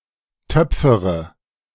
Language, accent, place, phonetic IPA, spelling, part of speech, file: German, Germany, Berlin, [ˈtœp͡fəʁə], töpfere, verb, De-töpfere.ogg
- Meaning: inflection of töpfern: 1. first-person singular present 2. first/third-person singular subjunctive I 3. singular imperative